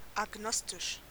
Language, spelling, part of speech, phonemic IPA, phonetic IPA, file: German, agnostisch, adjective, /aɡˈnɔstɪʃ/, [ʔäɡˈnɔstɪʃ], De-agnostisch.ogg
- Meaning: agnostic